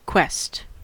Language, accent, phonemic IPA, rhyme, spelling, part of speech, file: English, US, /kwɛst/, -ɛst, quest, noun / verb, En-us-quest.ogg
- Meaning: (noun) A journey or effort in pursuit of a goal (often lengthy, ambitious, or fervent); a mission